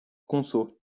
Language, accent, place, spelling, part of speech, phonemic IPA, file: French, France, Lyon, conso, noun, /kɔ̃.so/, LL-Q150 (fra)-conso.wav
- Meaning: 1. clipping of consommation 2. clipping of consolidation